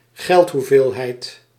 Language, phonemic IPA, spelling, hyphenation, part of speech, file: Dutch, /ˈɣɛlt.ɦuˌveːl.ɦɛi̯t/, geldhoeveelheid, geld‧hoe‧veel‧heid, noun, Nl-geldhoeveelheid.ogg
- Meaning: 1. money supply 2. any particular quantity of money